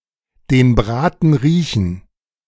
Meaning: to figure out someone’s plan or intent, to sense something, to smell a rat
- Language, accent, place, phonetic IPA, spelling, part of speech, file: German, Germany, Berlin, [deːn ˈbʁaːtn̩ ˈʁiːçn̩], den Braten riechen, verb, De-den Braten riechen.ogg